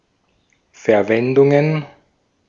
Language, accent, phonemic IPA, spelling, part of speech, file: German, Austria, /fɛɐ̯ˈvɛndʊŋən/, Verwendungen, noun, De-at-Verwendungen.ogg
- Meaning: plural of Verwendung